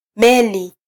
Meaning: 1. ship 2. cargo
- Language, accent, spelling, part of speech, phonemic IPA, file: Swahili, Kenya, meli, noun, /ˈmɛ.li/, Sw-ke-meli.flac